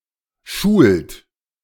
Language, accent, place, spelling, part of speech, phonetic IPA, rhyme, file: German, Germany, Berlin, schult, verb, [ʃuːlt], -uːlt, De-schult.ogg
- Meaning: inflection of schulen: 1. third-person singular present 2. second-person plural present 3. plural imperative